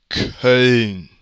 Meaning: Cologne (the largest city in North Rhine-Westphalia, in northwestern Germany)
- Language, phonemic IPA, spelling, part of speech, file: German, /kœln/, Köln, proper noun, De-Köln.ogg